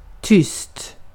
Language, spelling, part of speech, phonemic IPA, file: Swedish, tyst, adjective / adverb / interjection, /ˈtʏsːt/, Sv-tyst.ogg
- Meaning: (adjective) 1. quiet, silent (making or with no or little sound) 2. quiet (not talking much); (adverb) quietly; causing little or no sound; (interjection) quiet!; shush!; shut up!